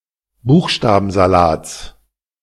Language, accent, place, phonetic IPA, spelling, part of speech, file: German, Germany, Berlin, [ˈbuːxʃtaːbn̩zaˌlaːt͡s], Buchstabensalats, noun, De-Buchstabensalats.ogg
- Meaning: genitive of Buchstabensalat